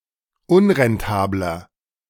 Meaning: 1. comparative degree of unrentabel 2. inflection of unrentabel: strong/mixed nominative masculine singular 3. inflection of unrentabel: strong genitive/dative feminine singular
- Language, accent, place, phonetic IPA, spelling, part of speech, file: German, Germany, Berlin, [ˈʊnʁɛnˌtaːblɐ], unrentabler, adjective, De-unrentabler.ogg